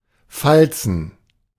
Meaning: to fold
- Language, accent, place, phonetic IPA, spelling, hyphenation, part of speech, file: German, Germany, Berlin, [ˈfaltsn̩], falzen, fal‧zen, verb, De-falzen.ogg